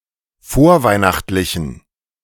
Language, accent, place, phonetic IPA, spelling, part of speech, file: German, Germany, Berlin, [ˈfoːɐ̯ˌvaɪ̯naxtlɪçn̩], vorweihnachtlichen, adjective, De-vorweihnachtlichen.ogg
- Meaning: inflection of vorweihnachtlich: 1. strong genitive masculine/neuter singular 2. weak/mixed genitive/dative all-gender singular 3. strong/weak/mixed accusative masculine singular